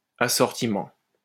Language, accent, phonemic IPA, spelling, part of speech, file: French, France, /a.sɔʁ.ti.mɑ̃/, assortiment, noun, LL-Q150 (fra)-assortiment.wav
- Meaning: 1. assortment 2. product base, product range, product line